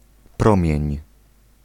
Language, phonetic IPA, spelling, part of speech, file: Polish, [ˈprɔ̃mʲjɛ̇̃ɲ], promień, noun, Pl-promień.ogg